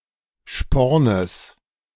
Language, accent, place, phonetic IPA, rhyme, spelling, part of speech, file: German, Germany, Berlin, [ˈʃpɔʁnəs], -ɔʁnəs, Spornes, noun, De-Spornes.ogg
- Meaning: genitive singular of Sporn